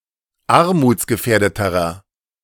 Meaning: inflection of armutsgefährdet: 1. strong/mixed nominative masculine singular comparative degree 2. strong genitive/dative feminine singular comparative degree
- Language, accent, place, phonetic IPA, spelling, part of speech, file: German, Germany, Berlin, [ˈaʁmuːt͡sɡəˌfɛːɐ̯dətəʁɐ], armutsgefährdeterer, adjective, De-armutsgefährdeterer.ogg